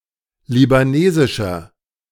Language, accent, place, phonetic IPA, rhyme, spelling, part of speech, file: German, Germany, Berlin, [libaˈneːzɪʃɐ], -eːzɪʃɐ, libanesischer, adjective, De-libanesischer.ogg
- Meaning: inflection of libanesisch: 1. strong/mixed nominative masculine singular 2. strong genitive/dative feminine singular 3. strong genitive plural